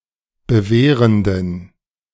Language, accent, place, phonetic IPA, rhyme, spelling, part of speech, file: German, Germany, Berlin, [bəˈveːʁəndn̩], -eːʁəndn̩, bewehrenden, adjective, De-bewehrenden.ogg
- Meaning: inflection of bewehrend: 1. strong genitive masculine/neuter singular 2. weak/mixed genitive/dative all-gender singular 3. strong/weak/mixed accusative masculine singular 4. strong dative plural